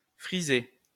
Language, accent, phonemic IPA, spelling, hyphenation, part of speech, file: French, France, /fʁi.ze/, frisé, fri‧sé, verb / adjective, LL-Q150 (fra)-frisé.wav
- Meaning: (verb) past participle of friser; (adjective) 1. twisted; contorted 2. curly